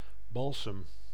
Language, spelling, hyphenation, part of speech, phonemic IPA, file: Dutch, balsem, bal‧sem, noun / verb, /ˈbɑl.səm/, Nl-balsem.ogg
- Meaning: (noun) balsam, balm; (verb) inflection of balsemen: 1. first-person singular present indicative 2. second-person singular present indicative 3. imperative